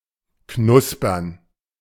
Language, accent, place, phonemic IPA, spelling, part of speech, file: German, Germany, Berlin, /ˈknʊspɐn/, knuspern, verb, De-knuspern.ogg
- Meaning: to crackle; to crunch (make the sound of crisp food)